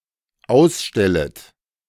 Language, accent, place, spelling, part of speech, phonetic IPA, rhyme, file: German, Germany, Berlin, ausstellet, verb, [ˈaʊ̯sˌʃtɛlət], -aʊ̯sʃtɛlət, De-ausstellet.ogg
- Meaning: second-person plural dependent subjunctive I of ausstellen